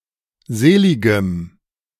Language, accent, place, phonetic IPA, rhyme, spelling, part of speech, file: German, Germany, Berlin, [ˈzeːˌlɪɡəm], -eːlɪɡəm, seligem, adjective, De-seligem.ogg
- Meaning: strong dative masculine/neuter singular of selig